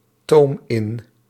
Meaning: inflection of intomen: 1. first-person singular present indicative 2. second-person singular present indicative 3. imperative
- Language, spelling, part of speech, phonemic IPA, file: Dutch, toom in, verb, /ˈtom ˈɪn/, Nl-toom in.ogg